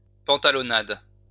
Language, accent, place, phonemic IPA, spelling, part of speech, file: French, France, Lyon, /pɑ̃.ta.lɔ.nad/, pantalonnade, noun, LL-Q150 (fra)-pantalonnade.wav
- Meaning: 1. slapstick 2. farce